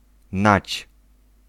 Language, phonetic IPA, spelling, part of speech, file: Polish, [nat͡ɕ], nać, noun, Pl-nać.ogg